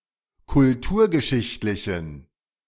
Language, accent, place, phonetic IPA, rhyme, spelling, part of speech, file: German, Germany, Berlin, [kʊlˈtuːɐ̯ɡəˌʃɪçtlɪçn̩], -uːɐ̯ɡəʃɪçtlɪçn̩, kulturgeschichtlichen, adjective, De-kulturgeschichtlichen.ogg
- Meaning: inflection of kulturgeschichtlich: 1. strong genitive masculine/neuter singular 2. weak/mixed genitive/dative all-gender singular 3. strong/weak/mixed accusative masculine singular